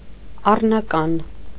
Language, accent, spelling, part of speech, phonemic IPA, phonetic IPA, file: Armenian, Eastern Armenian, առնական, adjective, /ɑrnɑˈkɑn/, [ɑrnɑkɑ́n], Hy-առնական.ogg
- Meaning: virile, manlike, manly, masculine